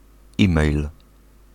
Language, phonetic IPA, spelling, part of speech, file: Polish, [ˈĩmɛjl], e-mail, noun, Pl-e-mail.ogg